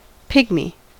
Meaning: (noun) A member of various legendary races of dwarfs, or supernatural peoples of diminutive stature
- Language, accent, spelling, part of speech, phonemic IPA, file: English, US, pygmy, noun / adjective, /ˈpɪɡmi/, En-us-pygmy.ogg